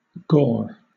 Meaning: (noun) 1. Blood, especially that from a wound when thickened due to exposure to the air 2. A gout or mass of such blood 3. Carnage, bloodshed, murder, violence
- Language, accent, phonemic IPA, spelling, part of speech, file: English, Southern England, /ɡɔː/, gore, noun / verb, LL-Q1860 (eng)-gore.wav